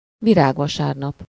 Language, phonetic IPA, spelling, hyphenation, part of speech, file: Hungarian, [ˈviraːɡvɒʃaːrnɒp], virágvasárnap, vi‧rág‧va‧sár‧nap, noun, Hu-virágvasárnap.ogg
- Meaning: Palm Sunday (Sunday before Easter)